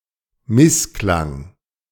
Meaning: dissonance, discord
- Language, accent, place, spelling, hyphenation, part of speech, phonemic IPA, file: German, Germany, Berlin, Missklang, Miss‧klang, noun, /ˈmɪsˌklaŋ/, De-Missklang.ogg